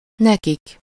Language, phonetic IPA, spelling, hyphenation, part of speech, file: Hungarian, [ˈnɛkik], nekik, ne‧kik, pronoun, Hu-nekik.ogg
- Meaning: third-person plural of neki: to/for them